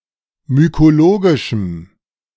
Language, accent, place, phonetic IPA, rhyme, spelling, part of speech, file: German, Germany, Berlin, [mykoˈloːɡɪʃm̩], -oːɡɪʃm̩, mykologischem, adjective, De-mykologischem.ogg
- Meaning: strong dative masculine/neuter singular of mykologisch